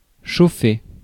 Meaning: 1. to heat, warm, warm up 2. to tease, entice sexually; to arouse 3. to drive (a vehicle)
- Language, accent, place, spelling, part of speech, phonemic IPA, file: French, France, Paris, chauffer, verb, /ʃo.fe/, Fr-chauffer.ogg